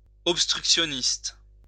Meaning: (noun) obstructionist
- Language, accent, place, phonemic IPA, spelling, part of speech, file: French, France, Lyon, /ɔp.stʁyk.sjɔ.nist/, obstructionniste, noun / adjective, LL-Q150 (fra)-obstructionniste.wav